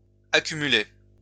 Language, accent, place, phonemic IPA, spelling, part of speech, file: French, France, Lyon, /a.ky.my.le/, accumulai, verb, LL-Q150 (fra)-accumulai.wav
- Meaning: first-person singular past historic of accumuler